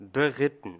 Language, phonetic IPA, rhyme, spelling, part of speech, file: German, [bəˈʁɪtn̩], -ɪtn̩, beritten, adjective / verb, De-beritten.ogg
- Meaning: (verb) past participle of bereiten; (adjective) mounted, on horseback (riding horses)